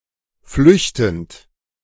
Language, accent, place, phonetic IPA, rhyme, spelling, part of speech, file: German, Germany, Berlin, [ˈflʏçtn̩t], -ʏçtn̩t, flüchtend, verb, De-flüchtend.ogg
- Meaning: present participle of flüchten